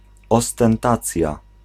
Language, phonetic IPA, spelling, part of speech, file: Polish, [ˌɔstɛ̃nˈtat͡sʲja], ostentacja, noun, Pl-ostentacja.ogg